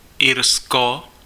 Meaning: Ireland (a country in northwestern Europe)
- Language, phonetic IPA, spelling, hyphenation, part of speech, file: Czech, [ˈɪrsko], Irsko, Ir‧sko, proper noun, Cs-Irsko.ogg